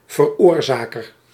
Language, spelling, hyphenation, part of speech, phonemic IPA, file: Dutch, veroorzaker, ver‧oor‧za‧ker, noun, /vərˈoːr.zaː.kər/, Nl-veroorzaker.ogg
- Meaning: 1. one who causes 2. a word in the instrumental case